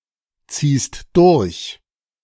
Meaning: second-person singular present of durchziehen
- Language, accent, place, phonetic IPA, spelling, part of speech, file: German, Germany, Berlin, [ˌt͡siːst ˈdʊʁç], ziehst durch, verb, De-ziehst durch.ogg